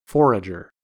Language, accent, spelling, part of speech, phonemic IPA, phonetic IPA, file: English, US, forager, noun, /ˈfoɹ.ɪd͡ʒɚ/, [ˈfo̞ɹ.ɪd͡ʒɚ], En-us-forager.ogg
- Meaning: An animal or person who forages